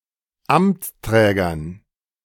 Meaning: dative plural of Amtsträger
- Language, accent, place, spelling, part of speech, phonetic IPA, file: German, Germany, Berlin, Amtsträgern, noun, [ˈamt͡sˌtʁɛːɡɐn], De-Amtsträgern.ogg